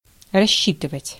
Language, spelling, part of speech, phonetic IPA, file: Russian, рассчитывать, verb, [rɐˈɕːitɨvətʲ], Ru-рассчитывать.ogg
- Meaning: 1. to calculate, to compute 2. to dismiss, to pay off; to sack; to discharge, to fire 3. to count / reckon (on); to calculate (on, upon), to depend (on, upon), to rely